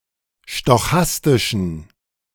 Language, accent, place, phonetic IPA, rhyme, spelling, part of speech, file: German, Germany, Berlin, [ʃtɔˈxastɪʃn̩], -astɪʃn̩, stochastischen, adjective, De-stochastischen.ogg
- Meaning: inflection of stochastisch: 1. strong genitive masculine/neuter singular 2. weak/mixed genitive/dative all-gender singular 3. strong/weak/mixed accusative masculine singular 4. strong dative plural